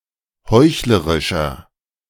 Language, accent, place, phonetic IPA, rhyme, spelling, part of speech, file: German, Germany, Berlin, [ˈhɔɪ̯çləʁɪʃɐ], -ɔɪ̯çləʁɪʃɐ, heuchlerischer, adjective, De-heuchlerischer.ogg
- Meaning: inflection of heuchlerisch: 1. strong/mixed nominative masculine singular 2. strong genitive/dative feminine singular 3. strong genitive plural